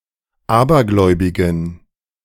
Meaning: inflection of abergläubig: 1. strong genitive masculine/neuter singular 2. weak/mixed genitive/dative all-gender singular 3. strong/weak/mixed accusative masculine singular 4. strong dative plural
- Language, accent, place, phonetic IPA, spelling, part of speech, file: German, Germany, Berlin, [ˈaːbɐˌɡlɔɪ̯bɪɡn̩], abergläubigen, adjective, De-abergläubigen.ogg